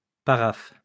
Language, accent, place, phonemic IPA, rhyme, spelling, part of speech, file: French, France, Lyon, /pa.ʁaf/, -af, paraphe, noun, LL-Q150 (fra)-paraphe.wav
- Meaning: 1. paraph 2. initials